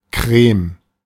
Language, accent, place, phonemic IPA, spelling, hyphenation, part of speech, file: German, Germany, Berlin, /krɛːm(ə)/, Creme, Creme, noun, De-Creme.ogg
- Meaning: 1. cream (medicine) 2. frosting, custard 3. cream colour